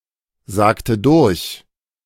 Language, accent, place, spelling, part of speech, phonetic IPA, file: German, Germany, Berlin, sagte durch, verb, [ˌzaːktə ˈdʊʁç], De-sagte durch.ogg
- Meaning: inflection of durchsagen: 1. first/third-person singular preterite 2. first/third-person singular subjunctive II